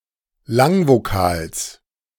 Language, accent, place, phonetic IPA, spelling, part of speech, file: German, Germany, Berlin, [ˈlaŋvoˌkaːls], Langvokals, noun, De-Langvokals.ogg
- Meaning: genitive singular of Langvokal